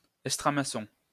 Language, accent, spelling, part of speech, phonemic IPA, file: French, France, estramaçon, noun, /ɛs.tʁa.ma.sɔ̃/, LL-Q150 (fra)-estramaçon.wav
- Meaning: (a type of) broadsword